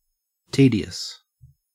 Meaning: Boring, monotonous, time-consuming, wearisome, livelong
- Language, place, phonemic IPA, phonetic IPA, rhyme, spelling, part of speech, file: English, Queensland, /ˈtiː.di.əs/, [ˈtiː.ɾi.əs], -iːdiəs, tedious, adjective, En-au-tedious.ogg